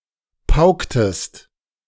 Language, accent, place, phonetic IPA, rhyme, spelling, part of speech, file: German, Germany, Berlin, [ˈpaʊ̯ktəst], -aʊ̯ktəst, pauktest, verb, De-pauktest.ogg
- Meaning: inflection of pauken: 1. second-person singular preterite 2. second-person singular subjunctive II